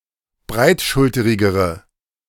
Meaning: inflection of breitschulterig: 1. strong/mixed nominative/accusative feminine singular comparative degree 2. strong nominative/accusative plural comparative degree
- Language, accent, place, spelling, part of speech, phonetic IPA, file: German, Germany, Berlin, breitschulterigere, adjective, [ˈbʁaɪ̯tˌʃʊltəʁɪɡəʁə], De-breitschulterigere.ogg